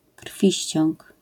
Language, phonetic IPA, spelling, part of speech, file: Polish, [ˈkr̥fʲiɕt͡ɕɔ̃ŋk], krwiściąg, noun, LL-Q809 (pol)-krwiściąg.wav